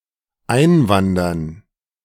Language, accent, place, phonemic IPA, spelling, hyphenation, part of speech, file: German, Germany, Berlin, /ˈʔaɪ̯nvandɐn/, einwandern, ein‧wan‧dern, verb, De-einwandern.ogg
- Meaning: to immigrate